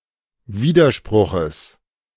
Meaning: genitive singular of Widerspruch
- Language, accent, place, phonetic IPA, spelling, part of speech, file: German, Germany, Berlin, [ˈviːdɐˌʃpʁʊxəs], Widerspruches, noun, De-Widerspruches.ogg